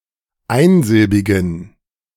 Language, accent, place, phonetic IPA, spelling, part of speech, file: German, Germany, Berlin, [ˈaɪ̯nˌzɪlbɪɡn̩], einsilbigen, adjective, De-einsilbigen.ogg
- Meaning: inflection of einsilbig: 1. strong genitive masculine/neuter singular 2. weak/mixed genitive/dative all-gender singular 3. strong/weak/mixed accusative masculine singular 4. strong dative plural